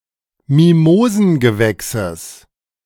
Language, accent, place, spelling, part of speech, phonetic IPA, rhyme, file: German, Germany, Berlin, Mimosengewächses, noun, [miˈmoːzn̩ɡəˌvɛksəs], -oːzn̩ɡəvɛksəs, De-Mimosengewächses.ogg
- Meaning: genitive singular of Mimosengewächs